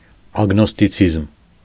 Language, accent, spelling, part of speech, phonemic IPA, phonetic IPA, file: Armenian, Eastern Armenian, ագնոստիցիզմ, noun, /ɑɡnostiˈt͡sʰizm/, [ɑɡnostit͡sʰízm], Hy-ագնոստիցիզմ.ogg
- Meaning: agnosticism